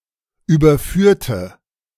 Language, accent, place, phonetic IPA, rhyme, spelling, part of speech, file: German, Germany, Berlin, [ˌyːbɐˈfyːɐ̯tə], -yːɐ̯tə, überführte, adjective / verb, De-überführte.ogg
- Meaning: inflection of überführt: 1. strong/mixed nominative/accusative feminine singular 2. strong nominative/accusative plural 3. weak nominative all-gender singular